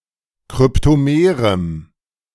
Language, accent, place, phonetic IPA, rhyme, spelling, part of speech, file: German, Germany, Berlin, [kʁʏptoˈmeːʁəm], -eːʁəm, kryptomerem, adjective, De-kryptomerem.ogg
- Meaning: strong dative masculine/neuter singular of kryptomer